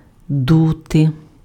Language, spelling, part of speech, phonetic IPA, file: Ukrainian, дути, verb, [ˈdute], Uk-дути.ogg
- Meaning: 1. to blow 2. to be drafty